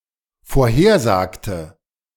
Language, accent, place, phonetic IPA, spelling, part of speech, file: German, Germany, Berlin, [foːɐ̯ˈheːɐ̯ˌzaːktə], vorhersagte, verb, De-vorhersagte.ogg
- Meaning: inflection of vorhersagen: 1. first/third-person singular dependent preterite 2. first/third-person singular dependent subjunctive II